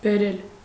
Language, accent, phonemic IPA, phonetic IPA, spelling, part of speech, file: Armenian, Eastern Armenian, /beˈɾel/, [beɾél], բերել, verb, Hy-բերել.ogg
- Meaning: to bring, to fetch